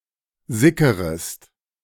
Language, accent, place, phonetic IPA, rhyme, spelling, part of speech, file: German, Germany, Berlin, [ˈzɪkəʁəst], -ɪkəʁəst, sickerest, verb, De-sickerest.ogg
- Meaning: second-person singular subjunctive I of sickern